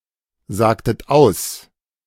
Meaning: inflection of aussagen: 1. second-person plural preterite 2. second-person plural subjunctive II
- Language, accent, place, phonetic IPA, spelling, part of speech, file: German, Germany, Berlin, [ˌzaːktət ˈaʊ̯s], sagtet aus, verb, De-sagtet aus.ogg